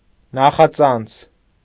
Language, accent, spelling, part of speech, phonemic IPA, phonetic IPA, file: Armenian, Eastern Armenian, նախածանց, noun, /nɑχɑˈt͡sɑnt͡sʰ/, [nɑχɑt͡sɑ́nt͡sʰ], Hy-նախածանց.ogg
- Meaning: prefix